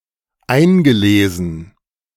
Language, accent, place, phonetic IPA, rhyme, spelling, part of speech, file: German, Germany, Berlin, [ˈaɪ̯nɡəˌleːzn̩], -aɪ̯nɡəleːzn̩, eingelesen, verb, De-eingelesen.ogg
- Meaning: past participle of einlesen